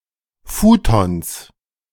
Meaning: plural of Futon
- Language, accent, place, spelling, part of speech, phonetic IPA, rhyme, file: German, Germany, Berlin, Futons, noun, [ˈfuːtɔns], -uːtɔns, De-Futons.ogg